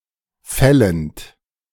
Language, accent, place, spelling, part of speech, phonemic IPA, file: German, Germany, Berlin, fällend, verb, /ˈfɛlənt/, De-fällend.ogg
- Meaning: present participle of fallen